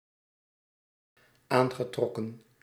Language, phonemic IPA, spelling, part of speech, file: Dutch, /ˈaŋɣəˌtrɔkə(n)/, aangetrokken, verb, Nl-aangetrokken.ogg
- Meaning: past participle of aantrekken